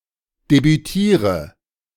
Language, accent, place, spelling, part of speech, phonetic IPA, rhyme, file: German, Germany, Berlin, debütiere, verb, [debyˈtiːʁə], -iːʁə, De-debütiere.ogg
- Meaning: inflection of debütieren: 1. first-person singular present 2. singular imperative 3. first/third-person singular subjunctive I